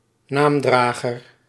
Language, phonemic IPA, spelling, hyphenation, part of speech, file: Dutch, /ˈnaːmˌdraː.ɣər/, naamdrager, naam‧dra‧ger, noun, Nl-naamdrager.ogg
- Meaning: a name-bearer